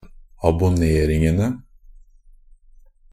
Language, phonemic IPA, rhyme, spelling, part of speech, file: Norwegian Bokmål, /abʊˈneːrɪŋənə/, -ənə, abonneringene, noun, NB - Pronunciation of Norwegian Bokmål «abonneringene».ogg
- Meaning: definite plural of abonnering